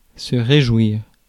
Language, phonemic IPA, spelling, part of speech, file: French, /ʁe.ʒwiʁ/, réjouir, verb, Fr-réjouir.ogg
- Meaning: 1. to please; to delight 2. to rejoice, celebrate